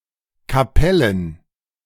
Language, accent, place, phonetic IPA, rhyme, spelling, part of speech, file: German, Germany, Berlin, [kaˈpɛlən], -ɛlən, Kapellen, noun, De-Kapellen.ogg
- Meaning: plural of Kapelle